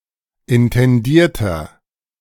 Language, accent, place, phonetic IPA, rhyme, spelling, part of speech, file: German, Germany, Berlin, [ɪntɛnˈdiːɐ̯tɐ], -iːɐ̯tɐ, intendierter, adjective, De-intendierter.ogg
- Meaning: inflection of intendiert: 1. strong/mixed nominative masculine singular 2. strong genitive/dative feminine singular 3. strong genitive plural